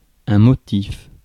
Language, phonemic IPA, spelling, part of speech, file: French, /mɔ.tif/, motif, noun, Fr-motif.ogg
- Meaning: 1. motive 2. motif 3. pattern, design